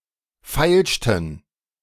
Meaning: inflection of feilschen: 1. first/third-person plural preterite 2. first/third-person plural subjunctive II
- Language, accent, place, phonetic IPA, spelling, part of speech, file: German, Germany, Berlin, [ˈfaɪ̯lʃtn̩], feilschten, verb, De-feilschten.ogg